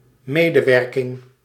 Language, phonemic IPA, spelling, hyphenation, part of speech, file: Dutch, /ˈmedəˌwɛrkɪŋ/, medewerking, me‧de‧werk‧ing, noun, Nl-medewerking.ogg
- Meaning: cooperation (working together)